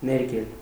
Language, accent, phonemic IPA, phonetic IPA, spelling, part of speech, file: Armenian, Eastern Armenian, /neɾˈkel/, [neɾkél], ներկել, verb, Hy-ներկել.ogg
- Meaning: to color; to paint; to stain; to dye